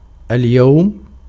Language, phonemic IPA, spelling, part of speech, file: Arabic, /al.jaw.ma/, اليوم, adverb, Ar-اليوم.ogg
- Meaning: today